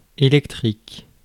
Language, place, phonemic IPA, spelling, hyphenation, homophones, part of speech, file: French, Paris, /e.lɛk.tʁik/, électrique, é‧lec‧trique, électriques, adjective, Fr-électrique.ogg
- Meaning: electric, electrical